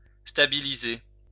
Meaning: to stabilise
- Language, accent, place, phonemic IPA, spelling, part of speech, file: French, France, Lyon, /sta.bi.li.ze/, stabiliser, verb, LL-Q150 (fra)-stabiliser.wav